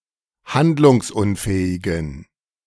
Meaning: inflection of handlungsunfähig: 1. strong genitive masculine/neuter singular 2. weak/mixed genitive/dative all-gender singular 3. strong/weak/mixed accusative masculine singular
- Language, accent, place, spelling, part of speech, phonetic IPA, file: German, Germany, Berlin, handlungsunfähigen, adjective, [ˈhandlʊŋsˌʔʊnfɛːɪɡn̩], De-handlungsunfähigen.ogg